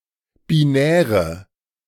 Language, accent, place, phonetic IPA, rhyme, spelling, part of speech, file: German, Germany, Berlin, [biˈnɛːʁə], -ɛːʁə, binäre, adjective, De-binäre.ogg
- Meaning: inflection of binär: 1. strong/mixed nominative/accusative feminine singular 2. strong nominative/accusative plural 3. weak nominative all-gender singular 4. weak accusative feminine/neuter singular